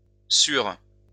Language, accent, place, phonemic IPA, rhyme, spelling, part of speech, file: French, France, Lyon, /syʁ/, -yʁ, sûre, adjective, LL-Q150 (fra)-sûre.wav
- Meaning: feminine singular of sûr